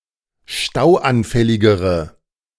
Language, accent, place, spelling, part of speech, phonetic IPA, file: German, Germany, Berlin, stauanfälligere, adjective, [ˈʃtaʊ̯ʔanˌfɛlɪɡəʁə], De-stauanfälligere.ogg
- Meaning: inflection of stauanfällig: 1. strong/mixed nominative/accusative feminine singular comparative degree 2. strong nominative/accusative plural comparative degree